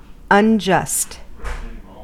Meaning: Not fair, just or right
- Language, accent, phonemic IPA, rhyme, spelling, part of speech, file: English, US, /ʌnˈd͡ʒʌst/, -ʌst, unjust, adjective, En-us-unjust.ogg